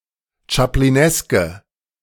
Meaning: inflection of chaplinesk: 1. strong/mixed nominative/accusative feminine singular 2. strong nominative/accusative plural 3. weak nominative all-gender singular
- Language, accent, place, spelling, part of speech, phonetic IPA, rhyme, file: German, Germany, Berlin, chaplineske, adjective, [t͡ʃapliˈnɛskə], -ɛskə, De-chaplineske.ogg